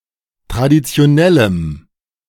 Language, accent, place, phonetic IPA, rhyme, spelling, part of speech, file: German, Germany, Berlin, [tʁadit͡si̯oˈnɛləm], -ɛləm, traditionellem, adjective, De-traditionellem.ogg
- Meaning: strong dative masculine/neuter singular of traditionell